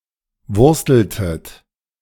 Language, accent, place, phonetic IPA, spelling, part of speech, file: German, Germany, Berlin, [ˈvʊʁstl̩tət], wursteltet, verb, De-wursteltet.ogg
- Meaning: inflection of wursteln: 1. second-person plural preterite 2. second-person plural subjunctive II